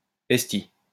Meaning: alternative form of ostie
- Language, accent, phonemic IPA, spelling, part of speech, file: French, France, /ɛs.ti/, esti, noun, LL-Q150 (fra)-esti.wav